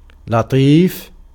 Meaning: 1. thin, fine, delicate, dainty 2. little, small, cute 3. gentle, soft, light, mild 4. pleasant, agreeable 5. amiable, friendly, kind, nice 6. civil, courteous, polite, refined
- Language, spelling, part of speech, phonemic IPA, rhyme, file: Arabic, لطيف, adjective, /la.tˤiːf/, -iːf, Ar-لطيف.ogg